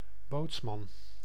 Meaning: bosun, boatswain
- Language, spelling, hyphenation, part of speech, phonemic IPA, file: Dutch, bootsman, boots‧man, noun, /ˈboːts.mɑn/, Nl-bootsman.ogg